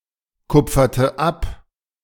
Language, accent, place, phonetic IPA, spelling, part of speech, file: German, Germany, Berlin, [ˌkʊp͡fɐtə ˈap], kupferte ab, verb, De-kupferte ab.ogg
- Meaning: inflection of abkupfern: 1. first/third-person singular preterite 2. first/third-person singular subjunctive II